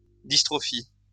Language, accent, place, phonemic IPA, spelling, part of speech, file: French, France, Lyon, /dis.tʁɔ.fi/, dystrophie, noun, LL-Q150 (fra)-dystrophie.wav
- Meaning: dystrophy